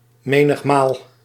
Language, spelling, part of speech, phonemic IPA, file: Dutch, menigmaal, adverb, /ˈmenəxˌmal/, Nl-menigmaal.ogg
- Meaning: often, frequently